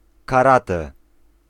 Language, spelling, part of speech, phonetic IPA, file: Polish, karate, noun, [kaˈratɛ], Pl-karate.ogg